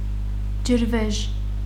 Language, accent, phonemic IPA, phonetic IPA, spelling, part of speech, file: Armenian, Eastern Armenian, /d͡ʒəɾˈveʒ/, [d͡ʒəɾvéʒ], ջրվեժ, noun, Hy-ջրվեժ.ogg
- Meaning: waterfall